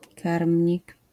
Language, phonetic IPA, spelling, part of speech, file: Polish, [ˈkarmʲɲik], karmnik, noun, LL-Q809 (pol)-karmnik.wav